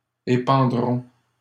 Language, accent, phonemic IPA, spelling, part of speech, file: French, Canada, /e.pɑ̃.dʁɔ̃/, épandrons, verb, LL-Q150 (fra)-épandrons.wav
- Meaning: first-person plural simple future of épandre